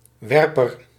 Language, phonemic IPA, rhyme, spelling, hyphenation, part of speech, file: Dutch, /ˈʋɛr.pər/, -ɛrpər, werper, wer‧per, noun, Nl-werper.ogg
- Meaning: thrower